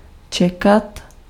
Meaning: 1. to wait 2. to expect
- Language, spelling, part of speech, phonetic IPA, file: Czech, čekat, verb, [ˈt͡ʃɛkat], Cs-čekat.ogg